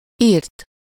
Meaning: to exterminate, to extirpate, to eradicate, to slaughter, to destroy
- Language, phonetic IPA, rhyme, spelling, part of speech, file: Hungarian, [ˈirt], -irt, irt, verb, Hu-irt.ogg